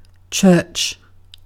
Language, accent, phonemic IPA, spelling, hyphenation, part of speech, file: English, UK, /t͡ʃɜːt͡ʃ/, church, church, noun / verb / interjection, En-uk-church.ogg
- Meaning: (noun) 1. A Christian house of worship; a building where Christian religious services take place 2. Christians collectively seen as a single spiritual community; Christianity; Christendom